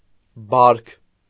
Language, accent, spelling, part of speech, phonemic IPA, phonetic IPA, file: Armenian, Eastern Armenian, բարք, noun, /bɑɾkʰ/, [bɑɾkʰ], Hy-բարք.ogg
- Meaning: 1. nature, character, disposition, trait 2. habit, practice, custom 3. mores